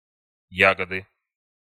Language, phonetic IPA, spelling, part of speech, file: Russian, [ˈjaɡədɨ], ягоды, noun, Ru-ягоды.ogg
- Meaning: inflection of я́года (jágoda): 1. genitive singular 2. nominative/accusative plural